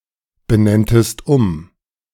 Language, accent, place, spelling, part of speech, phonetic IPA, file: German, Germany, Berlin, benenntest um, verb, [bəˌnɛntəst ˈʊm], De-benenntest um.ogg
- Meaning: second-person singular subjunctive II of umbenennen